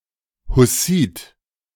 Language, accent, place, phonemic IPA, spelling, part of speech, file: German, Germany, Berlin, /hʊˈsiːt/, Hussit, noun, De-Hussit.ogg
- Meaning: Hussite